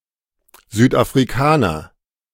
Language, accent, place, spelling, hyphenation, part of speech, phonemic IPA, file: German, Germany, Berlin, Südafrikaner, Süd‧af‧ri‧ka‧ner, noun, /zyːtʔafʁiˈkaːnɐ/, De-Südafrikaner.ogg
- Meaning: a South African (male or of unspecified gender)